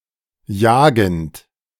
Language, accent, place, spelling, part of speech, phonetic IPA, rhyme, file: German, Germany, Berlin, jagend, verb, [ˈjaːɡn̩t], -aːɡn̩t, De-jagend.ogg
- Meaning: present participle of jagen